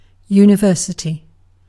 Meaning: An institution of higher education that provides facilities for teaching, research, and the conferral of academic degrees across undergraduate, graduate, and often professional levels
- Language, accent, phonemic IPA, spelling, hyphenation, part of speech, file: English, UK, /junɪˈvɜːsəti/, university, u‧ni‧ver‧si‧ty, noun, En-uk-university.ogg